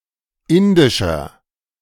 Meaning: inflection of indisch: 1. strong/mixed nominative masculine singular 2. strong genitive/dative feminine singular 3. strong genitive plural
- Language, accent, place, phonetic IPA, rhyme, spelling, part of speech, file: German, Germany, Berlin, [ˈɪndɪʃɐ], -ɪndɪʃɐ, indischer, adjective, De-indischer.ogg